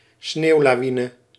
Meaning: avalanche, snowslide
- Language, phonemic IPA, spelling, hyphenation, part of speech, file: Dutch, /ˈsneːu̯.laːˌʋi.nə/, sneeuwlawine, sneeuw‧la‧wi‧ne, noun, Nl-sneeuwlawine.ogg